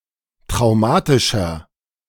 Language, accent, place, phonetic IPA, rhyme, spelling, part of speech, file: German, Germany, Berlin, [tʁaʊ̯ˈmaːtɪʃɐ], -aːtɪʃɐ, traumatischer, adjective, De-traumatischer.ogg
- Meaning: 1. comparative degree of traumatisch 2. inflection of traumatisch: strong/mixed nominative masculine singular 3. inflection of traumatisch: strong genitive/dative feminine singular